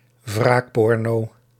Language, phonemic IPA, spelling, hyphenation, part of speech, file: Dutch, /ˈvraːkˌpɔr.noː/, wraakporno, wraak‧por‧no, noun, Nl-wraakporno.ogg
- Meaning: revenge porn